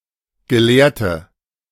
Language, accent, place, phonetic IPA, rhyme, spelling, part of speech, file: German, Germany, Berlin, [ɡəˈleːɐ̯tə], -eːɐ̯tə, gelehrte, adjective, De-gelehrte.ogg
- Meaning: inflection of gelehrt: 1. strong/mixed nominative/accusative feminine singular 2. strong nominative/accusative plural 3. weak nominative all-gender singular 4. weak accusative feminine/neuter singular